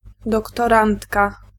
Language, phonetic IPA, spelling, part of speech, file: Polish, [ˌdɔktɔˈrãntka], doktorantka, noun, Pl-doktorantka.ogg